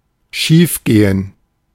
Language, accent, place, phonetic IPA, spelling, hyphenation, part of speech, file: German, Germany, Berlin, [ˈʃiːfˌɡeːən], schiefgehen, schief‧ge‧hen, verb, De-schiefgehen.ogg
- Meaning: to go wrong